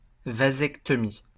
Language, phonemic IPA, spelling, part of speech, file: French, /va.zɛk.tɔ.mi/, vasectomie, noun, LL-Q150 (fra)-vasectomie.wav
- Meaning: vasectomy (male sterilization)